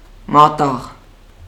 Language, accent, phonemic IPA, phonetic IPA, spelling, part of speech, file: Armenian, Eastern Armenian, /mɑˈtɑʁ/, [mɑtɑ́ʁ], մատաղ, adjective / noun, Hy-մատաղ.ogg
- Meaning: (adjective) young, tender, new, fresh; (noun) 1. sacrificial offering 2. the process of sacrificing an animal 3. the meat of the sacrificed animal